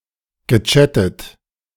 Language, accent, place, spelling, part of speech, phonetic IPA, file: German, Germany, Berlin, gechattet, verb, [ɡəˈt͡ʃætət], De-gechattet.ogg
- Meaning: past participle of chatten